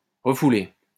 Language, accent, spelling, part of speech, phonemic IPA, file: French, France, refouler, verb, /ʁə.fu.le/, LL-Q150 (fra)-refouler.wav
- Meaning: 1. to trample etc. again 2. to repress or suppress; to repulse